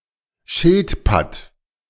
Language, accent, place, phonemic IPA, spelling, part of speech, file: German, Germany, Berlin, /ˈʃɪltˌpat/, Schildpatt, noun, De-Schildpatt.ogg
- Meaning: tortoiseshell